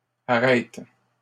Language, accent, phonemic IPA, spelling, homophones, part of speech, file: French, Canada, /a.ʁɛt/, arrêtes, arrête / arrêtent, verb, LL-Q150 (fra)-arrêtes.wav
- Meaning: second-person singular present indicative/subjunctive of arrêter